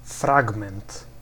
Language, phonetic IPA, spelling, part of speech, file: Polish, [ˈfraɡmɛ̃nt], fragment, noun, Pl-fragment.ogg